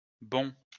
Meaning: plural of bond
- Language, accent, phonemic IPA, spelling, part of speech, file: French, France, /bɔ̃/, bonds, noun, LL-Q150 (fra)-bonds.wav